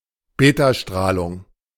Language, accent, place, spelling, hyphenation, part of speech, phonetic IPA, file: German, Germany, Berlin, Betastrahlung, Be‧ta‧strah‧lung, noun, [ˈbeːtaˌʃtʁaːlʊŋ], De-Betastrahlung.ogg
- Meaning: beta radiation